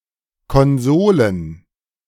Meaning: plural of Konsole
- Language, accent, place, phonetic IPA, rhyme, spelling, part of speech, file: German, Germany, Berlin, [kɔnˈzoːlən], -oːlən, Konsolen, noun, De-Konsolen.ogg